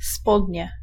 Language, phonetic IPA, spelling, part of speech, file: Polish, [ˈspɔdʲɲɛ], spodnie, noun / adjective, Pl-spodnie.ogg